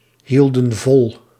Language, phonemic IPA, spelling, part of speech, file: Dutch, /ˈhildə(n) ˈvɔl/, hielden vol, verb, Nl-hielden vol.ogg
- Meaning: inflection of volhouden: 1. plural past indicative 2. plural past subjunctive